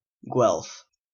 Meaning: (noun) In the politics of medieval Italian city states, any member of a faction that supported the Pope in a long struggle against the Ghibellines and the Holy Roman Emperor
- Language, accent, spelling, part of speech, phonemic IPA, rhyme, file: English, Canada, Guelph, noun / proper noun, /ɡwɛlf/, -ɛlf, En-ca-Guelph.oga